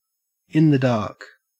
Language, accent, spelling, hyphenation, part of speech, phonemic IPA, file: English, Australia, in the dark, in the dark, prepositional phrase, /ɪn ðə dɐːk/, En-au-in the dark.ogg
- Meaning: 1. Without information 2. Without looking at one's hole cards, thus not knowing what they are 3. Used other than figuratively or idiomatically: see in, the, dark; without light, somewhere that is dark